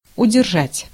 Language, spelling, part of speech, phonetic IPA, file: Russian, удержать, verb, [ʊdʲɪrˈʐatʲ], Ru-удержать.ogg
- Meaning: 1. to retain, to hold, to withhold 2. to balance, to place or set an object so that it does not fall 3. to suppress 4. to deduct, to keep back